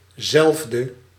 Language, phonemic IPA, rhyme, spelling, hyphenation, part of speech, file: Dutch, /ˈzɛlf.də/, -ɛlfdə, zelfde, zelf‧de, determiner, Nl-zelfde.ogg
- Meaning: 1. same 2. like, alike